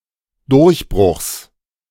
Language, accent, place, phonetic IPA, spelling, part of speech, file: German, Germany, Berlin, [ˈdʊʁçˌbʁʊxs], Durchbruchs, noun, De-Durchbruchs.ogg
- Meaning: genitive singular of Durchbruch